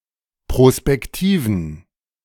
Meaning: inflection of prospektiv: 1. strong genitive masculine/neuter singular 2. weak/mixed genitive/dative all-gender singular 3. strong/weak/mixed accusative masculine singular 4. strong dative plural
- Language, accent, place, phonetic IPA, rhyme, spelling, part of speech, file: German, Germany, Berlin, [pʁospɛkˈtiːvn̩], -iːvn̩, prospektiven, adjective, De-prospektiven.ogg